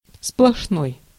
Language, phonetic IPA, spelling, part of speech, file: Russian, [spɫɐʂˈnoj], сплошной, adjective, Ru-сплошной.ogg
- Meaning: 1. solid, compact 2. sheer, complete, nothing but 3. continuous